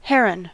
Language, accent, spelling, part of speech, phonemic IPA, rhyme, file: English, US, heron, noun, /ˈhɛɹən/, -ɛɹən, En-us-heron.ogg
- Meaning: Any long-legged, long-necked wading bird of the family Ardeidae